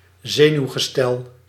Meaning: 1. nervous system 2. mental or psychological condition (as opposed to gestel)
- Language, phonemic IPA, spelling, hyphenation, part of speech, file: Dutch, /ˈzeː.nyu̯.ɣəˌstɛl/, zenuwgestel, ze‧nuw‧ge‧stel, noun, Nl-zenuwgestel.ogg